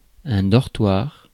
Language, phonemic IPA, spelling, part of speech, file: French, /dɔʁ.twaʁ/, dortoir, noun, Fr-dortoir.ogg
- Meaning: dormitory